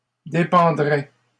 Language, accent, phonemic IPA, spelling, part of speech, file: French, Canada, /de.pɑ̃.dʁɛ/, dépendrais, verb, LL-Q150 (fra)-dépendrais.wav
- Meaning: first/second-person singular conditional of dépendre